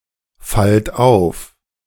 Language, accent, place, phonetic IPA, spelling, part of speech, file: German, Germany, Berlin, [ˌfalt ˈaʊ̯f], fallt auf, verb, De-fallt auf.ogg
- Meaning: inflection of auffallen: 1. second-person plural present 2. plural imperative